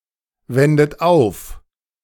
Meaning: inflection of aufwenden: 1. second-person plural present 2. third-person singular present 3. plural imperative
- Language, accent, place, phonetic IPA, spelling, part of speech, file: German, Germany, Berlin, [ˌvɛndət ˈaʊ̯f], wendet auf, verb, De-wendet auf.ogg